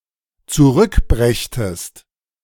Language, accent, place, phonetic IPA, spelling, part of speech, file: German, Germany, Berlin, [t͡suˈʁʏkˌbʁɛçtəst], zurückbrächtest, verb, De-zurückbrächtest.ogg
- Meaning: second-person singular dependent subjunctive II of zurückbringen